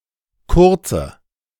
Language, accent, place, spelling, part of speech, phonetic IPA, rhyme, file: German, Germany, Berlin, kurze, adjective, [ˈkʊʁt͡sə], -ʊʁt͡sə, De-kurze.ogg
- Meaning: inflection of kurz: 1. strong/mixed nominative/accusative feminine singular 2. strong nominative/accusative plural 3. weak nominative all-gender singular 4. weak accusative feminine/neuter singular